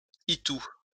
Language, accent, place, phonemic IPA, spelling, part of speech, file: French, France, Lyon, /i.tu/, itou, adverb, LL-Q150 (fra)-itou.wav
- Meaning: likewise, also